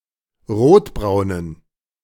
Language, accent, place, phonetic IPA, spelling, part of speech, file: German, Germany, Berlin, [ˈʁoːtˌbʁaʊ̯nən], rotbraunen, adjective, De-rotbraunen.ogg
- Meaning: inflection of rotbraun: 1. strong genitive masculine/neuter singular 2. weak/mixed genitive/dative all-gender singular 3. strong/weak/mixed accusative masculine singular 4. strong dative plural